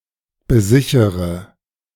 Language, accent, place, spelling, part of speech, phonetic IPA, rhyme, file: German, Germany, Berlin, besichere, verb, [bəˈzɪçəʁə], -ɪçəʁə, De-besichere.ogg
- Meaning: inflection of besichern: 1. first-person singular present 2. first/third-person singular subjunctive I 3. singular imperative